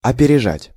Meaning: 1. to pass ahead, to take a lead, to outstrip, to leave behind 2. to do something ahead of someone 3. to outdo, to surpass
- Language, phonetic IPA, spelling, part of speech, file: Russian, [ɐpʲɪrʲɪˈʐatʲ], опережать, verb, Ru-опережать.ogg